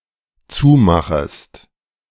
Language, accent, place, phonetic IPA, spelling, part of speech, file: German, Germany, Berlin, [ˈt͡suːˌmaxəst], zumachest, verb, De-zumachest.ogg
- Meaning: second-person singular dependent subjunctive I of zumachen